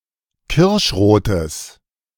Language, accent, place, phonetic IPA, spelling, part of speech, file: German, Germany, Berlin, [ˈkɪʁʃˌʁoːtəs], kirschrotes, adjective, De-kirschrotes.ogg
- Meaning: strong/mixed nominative/accusative neuter singular of kirschrot